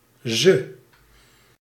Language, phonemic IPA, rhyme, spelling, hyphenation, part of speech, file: Dutch, /zə/, -ə, ze, ze, pronoun, Nl-ze.ogg
- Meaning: 1. unstressed form of zij (“she”) (feminine singular subject) 2. unstressed form of zij (“they”) (plural subject) 3. unstressed form of haar (“her”) (feminine singular object)